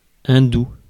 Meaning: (adjective) Hindu
- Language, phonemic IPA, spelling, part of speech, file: French, /ɛ̃.du/, hindou, adjective / noun, Fr-hindou.ogg